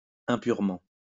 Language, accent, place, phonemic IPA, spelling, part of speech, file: French, France, Lyon, /ɛ̃.pyʁ.mɑ̃/, impurement, adverb, LL-Q150 (fra)-impurement.wav
- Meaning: impurely